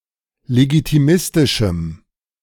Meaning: strong dative masculine/neuter singular of legitimistisch
- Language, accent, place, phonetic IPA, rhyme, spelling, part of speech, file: German, Germany, Berlin, [leɡitiˈmɪstɪʃm̩], -ɪstɪʃm̩, legitimistischem, adjective, De-legitimistischem.ogg